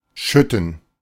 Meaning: 1. to pour (of both liquids and solids) 2. to rain heavily
- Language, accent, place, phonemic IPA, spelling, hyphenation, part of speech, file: German, Germany, Berlin, /ˈʃʏtən/, schütten, schüt‧ten, verb, De-schütten.ogg